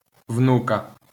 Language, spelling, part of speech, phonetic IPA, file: Ukrainian, внука, noun, [ˈwnukɐ], LL-Q8798 (ukr)-внука.wav
- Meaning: 1. alternative form of ону́ка f (onúka): granddaughter 2. genitive/accusative singular of вну́к (vnúk)